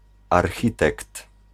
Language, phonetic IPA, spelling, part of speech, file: Polish, [arˈxʲitɛkt], architekt, noun, Pl-architekt.ogg